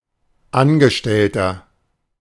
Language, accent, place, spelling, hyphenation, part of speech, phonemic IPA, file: German, Germany, Berlin, Angestellter, An‧ge‧stell‧ter, noun, /ˈanɡəˌʃtɛltɐ/, De-Angestellter.ogg
- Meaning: 1. employee, worker, clerk, servant, staffer, staff member (male or of unspecified gender) 2. inflection of Angestellte: strong genitive/dative singular